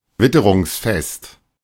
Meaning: weatherproof
- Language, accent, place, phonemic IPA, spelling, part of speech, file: German, Germany, Berlin, /ˈvɪtəʁʊŋsˌfɛst/, witterungsfest, adjective, De-witterungsfest.ogg